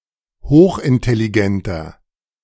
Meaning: inflection of hochintelligent: 1. strong/mixed nominative masculine singular 2. strong genitive/dative feminine singular 3. strong genitive plural
- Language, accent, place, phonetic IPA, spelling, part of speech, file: German, Germany, Berlin, [ˈhoːxʔɪntɛliˌɡɛntɐ], hochintelligenter, adjective, De-hochintelligenter.ogg